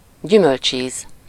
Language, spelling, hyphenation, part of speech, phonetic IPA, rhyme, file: Hungarian, gyümölcsíz, gyü‧mölcs‧íz, noun, [ˈɟymølt͡ʃiːz], -iːz, Hu-gyümölcsíz.ogg
- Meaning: 1. fruit taste 2. jam, jelly, marmalade